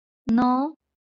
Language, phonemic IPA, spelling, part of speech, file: Marathi, /nə/, न, character, LL-Q1571 (mar)-न.wav
- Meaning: The nineteenth consonant of Marathi